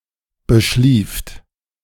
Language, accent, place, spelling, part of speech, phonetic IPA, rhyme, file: German, Germany, Berlin, beschlieft, verb, [bəˈʃliːft], -iːft, De-beschlieft.ogg
- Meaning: second-person plural preterite of beschlafen